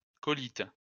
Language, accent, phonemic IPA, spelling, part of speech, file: French, France, /kɔ.lit/, colite, noun, LL-Q150 (fra)-colite.wav
- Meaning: colitis